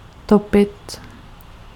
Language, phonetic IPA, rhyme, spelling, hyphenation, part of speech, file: Czech, [ˈtopɪt], -opɪt, topit, to‧pit, verb, Cs-topit.ogg
- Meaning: 1. to stoke 2. to heat up, to burn, to use for heating 3. to give off heat 4. to drown, to kill in liquid 5. to be drowning